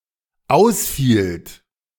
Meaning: second-person plural dependent preterite of ausfallen
- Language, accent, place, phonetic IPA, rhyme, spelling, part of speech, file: German, Germany, Berlin, [ˈaʊ̯sˌfiːlt], -aʊ̯sfiːlt, ausfielt, verb, De-ausfielt.ogg